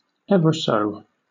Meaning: 1. Very, extremely 2. Used other than figuratively or idiomatically: see ever, so
- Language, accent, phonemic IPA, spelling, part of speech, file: English, Southern England, /ˈɛvə ˌsəʊ/, ever so, adverb, LL-Q1860 (eng)-ever so.wav